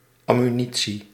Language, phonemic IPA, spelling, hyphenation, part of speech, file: Dutch, /ˌɑ.myˈni.(t)si/, ammunitie, am‧mu‧ni‧tie, noun, Nl-ammunitie.ogg
- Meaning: ammunition, ammo